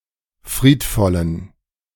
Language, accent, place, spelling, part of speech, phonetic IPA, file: German, Germany, Berlin, friedvollen, adjective, [ˈfʁiːtˌfɔlən], De-friedvollen.ogg
- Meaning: inflection of friedvoll: 1. strong genitive masculine/neuter singular 2. weak/mixed genitive/dative all-gender singular 3. strong/weak/mixed accusative masculine singular 4. strong dative plural